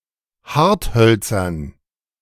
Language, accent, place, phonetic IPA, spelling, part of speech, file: German, Germany, Berlin, [ˈhaʁtˌhœlt͡sɐn], Harthölzern, noun, De-Harthölzern.ogg
- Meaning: dative plural of Hartholz